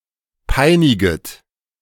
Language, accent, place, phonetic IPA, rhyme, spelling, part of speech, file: German, Germany, Berlin, [ˈpaɪ̯nɪɡət], -aɪ̯nɪɡət, peiniget, verb, De-peiniget.ogg
- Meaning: second-person plural subjunctive I of peinigen